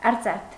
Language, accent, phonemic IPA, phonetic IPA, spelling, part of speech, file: Armenian, Eastern Armenian, /ɑɾˈt͡sɑtʰ/, [ɑɾt͡sɑ́tʰ], արծաթ, noun / adjective, Hy-արծաթ.oga
- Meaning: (noun) 1. silver 2. silver coin 3. silver object; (adjective) 1. silver, silvern, made of silver 2. silvery, of silver color 3. silvery (of voice)